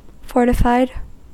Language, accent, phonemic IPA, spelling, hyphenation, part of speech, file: English, US, /ˈfɔɹtɪfaɪd/, fortified, for‧ti‧fied, verb / noun / adjective, En-us-fortified.ogg
- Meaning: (verb) simple past and past participle of fortify; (noun) A fortified wine; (adjective) 1. Having strong defenses 2. Being enriched with (additional) minerals and vitamins